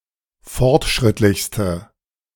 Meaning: inflection of fortschrittlich: 1. strong/mixed nominative/accusative feminine singular superlative degree 2. strong nominative/accusative plural superlative degree
- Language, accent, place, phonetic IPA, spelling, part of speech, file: German, Germany, Berlin, [ˈfɔʁtˌʃʁɪtlɪçstə], fortschrittlichste, adjective, De-fortschrittlichste.ogg